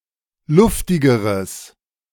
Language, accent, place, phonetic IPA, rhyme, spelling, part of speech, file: German, Germany, Berlin, [ˈlʊftɪɡəʁəs], -ʊftɪɡəʁəs, luftigeres, adjective, De-luftigeres.ogg
- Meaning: strong/mixed nominative/accusative neuter singular comparative degree of luftig